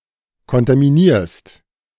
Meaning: second-person singular present of kontaminieren
- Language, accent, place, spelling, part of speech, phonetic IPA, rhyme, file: German, Germany, Berlin, kontaminierst, verb, [kɔntamiˈniːɐ̯st], -iːɐ̯st, De-kontaminierst.ogg